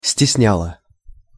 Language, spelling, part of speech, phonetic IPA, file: Russian, стесняло, verb, [sʲtʲɪsˈnʲaɫə], Ru-стесняло.ogg
- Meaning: neuter singular past indicative imperfective of стесня́ть (stesnjátʹ)